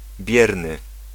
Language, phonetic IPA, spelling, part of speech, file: Polish, [ˈbʲjɛrnɨ], bierny, adjective, Pl-bierny.ogg